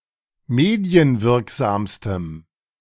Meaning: strong dative masculine/neuter singular superlative degree of medienwirksam
- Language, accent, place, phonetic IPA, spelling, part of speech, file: German, Germany, Berlin, [ˈmeːdi̯ənˌvɪʁkzaːmstəm], medienwirksamstem, adjective, De-medienwirksamstem.ogg